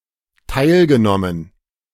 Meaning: past participle of teilnehmen
- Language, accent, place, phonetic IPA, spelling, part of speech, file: German, Germany, Berlin, [ˈtaɪ̯lɡəˌnɔmən], teilgenommen, verb, De-teilgenommen.ogg